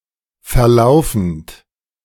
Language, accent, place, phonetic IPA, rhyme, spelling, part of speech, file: German, Germany, Berlin, [fɛɐ̯ˈlaʊ̯fn̩t], -aʊ̯fn̩t, verlaufend, verb, De-verlaufend.ogg
- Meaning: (verb) present participle of verlaufen; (adjective) 1. flat 2. extending